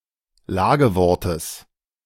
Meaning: genitive singular of Lagewort
- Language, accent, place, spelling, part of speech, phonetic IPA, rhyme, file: German, Germany, Berlin, Lagewortes, noun, [ˈlaːɡəˌvɔʁtəs], -aːɡəvɔʁtəs, De-Lagewortes.ogg